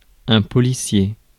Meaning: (adjective) police; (noun) 1. policeman, police officer 2. police movie
- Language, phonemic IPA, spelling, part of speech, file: French, /pɔ.li.sje/, policier, adjective / noun, Fr-policier.ogg